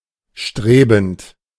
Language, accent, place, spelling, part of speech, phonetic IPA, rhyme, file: German, Germany, Berlin, strebend, verb, [ˈʃtʁeːbn̩t], -eːbn̩t, De-strebend.ogg
- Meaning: present participle of streben